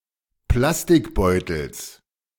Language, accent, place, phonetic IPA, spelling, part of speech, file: German, Germany, Berlin, [ˈplastɪkˌbɔɪ̯tl̩s], Plastikbeutels, noun, De-Plastikbeutels.ogg
- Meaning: genitive singular of Plastikbeutel